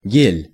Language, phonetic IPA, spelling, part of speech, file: Russian, [ɡʲelʲ], гель, noun, Ru-гель.ogg
- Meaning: gel (suspension of solid in liquid)